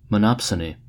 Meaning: 1. A market situation in which there is only one buyer for a product 2. A buyer with disproportionate power
- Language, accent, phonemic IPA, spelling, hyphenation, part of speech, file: English, US, /məˈnɑpsəni/, monopsony, mon‧op‧so‧ny, noun, En-us-monopsony.ogg